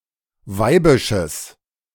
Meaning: strong/mixed nominative/accusative neuter singular of weibisch
- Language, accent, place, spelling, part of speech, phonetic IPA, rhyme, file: German, Germany, Berlin, weibisches, adjective, [ˈvaɪ̯bɪʃəs], -aɪ̯bɪʃəs, De-weibisches.ogg